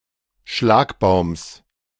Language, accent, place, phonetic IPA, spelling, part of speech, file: German, Germany, Berlin, [ˈʃlaːkbaʊ̯ms], Schlagbaums, noun, De-Schlagbaums.ogg
- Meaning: genitive singular of Schlagbaum